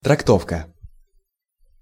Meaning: interpretation, treatment, version
- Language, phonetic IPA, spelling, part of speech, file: Russian, [trɐkˈtofkə], трактовка, noun, Ru-трактовка.ogg